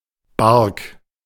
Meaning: bark (three-masted vessel)
- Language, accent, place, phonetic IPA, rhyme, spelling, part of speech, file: German, Germany, Berlin, [baʁk], -aʁk, Bark, noun, De-Bark.ogg